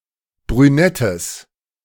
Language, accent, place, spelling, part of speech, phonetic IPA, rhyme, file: German, Germany, Berlin, brünettes, adjective, [bʁyˈnɛtəs], -ɛtəs, De-brünettes.ogg
- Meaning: strong/mixed nominative/accusative neuter singular of brünett